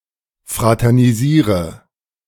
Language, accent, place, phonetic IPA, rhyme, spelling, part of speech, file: German, Germany, Berlin, [ˌfʁatɛʁniˈziːʁə], -iːʁə, fraternisiere, verb, De-fraternisiere.ogg
- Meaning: inflection of fraternisieren: 1. first-person singular present 2. first/third-person singular subjunctive I 3. singular imperative